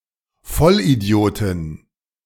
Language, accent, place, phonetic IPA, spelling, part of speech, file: German, Germany, Berlin, [ˈfɔlʔiˌdi̯oːtɪn], Vollidiotin, noun, De-Vollidiotin.ogg
- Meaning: female equivalent of Vollidiot (“complete idiot”)